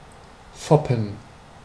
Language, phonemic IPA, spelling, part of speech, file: German, /ˈfɔpən/, foppen, verb, De-foppen.ogg
- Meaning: to put on, to tease, to hoax